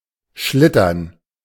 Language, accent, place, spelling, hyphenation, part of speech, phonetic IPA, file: German, Germany, Berlin, schlittern, schlit‧tern, verb, [ˈʃlɪtɐn], De-schlittern.ogg
- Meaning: to slide